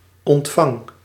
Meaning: inflection of ontvangen: 1. first-person singular present indicative 2. second-person singular present indicative 3. imperative
- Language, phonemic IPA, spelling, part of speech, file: Dutch, /ɔntˈfɑŋ/, ontvang, verb, Nl-ontvang.ogg